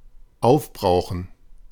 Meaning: to deplete, to exhaust, to use up
- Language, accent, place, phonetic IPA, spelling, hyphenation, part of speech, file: German, Germany, Berlin, [ˈaʊ̯fˌbʁaʊ̯χn̩], aufbrauchen, auf‧brau‧chen, verb, De-aufbrauchen.ogg